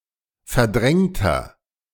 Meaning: inflection of verdrängt: 1. strong/mixed nominative masculine singular 2. strong genitive/dative feminine singular 3. strong genitive plural
- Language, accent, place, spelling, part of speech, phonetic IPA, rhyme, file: German, Germany, Berlin, verdrängter, adjective, [fɛɐ̯ˈdʁɛŋtɐ], -ɛŋtɐ, De-verdrängter.ogg